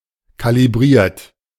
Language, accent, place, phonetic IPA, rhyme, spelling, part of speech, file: German, Germany, Berlin, [ˌkaliˈbʁiːɐ̯t], -iːɐ̯t, kalibriert, verb, De-kalibriert.ogg
- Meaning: 1. past participle of kalibrieren 2. inflection of kalibrieren: third-person singular present 3. inflection of kalibrieren: second-person plural present 4. inflection of kalibrieren: plural imperative